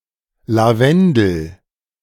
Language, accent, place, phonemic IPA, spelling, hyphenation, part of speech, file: German, Germany, Berlin, /laˈvɛndəl/, Lavendel, La‧ven‧del, noun, De-Lavendel.ogg
- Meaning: lavender (plant)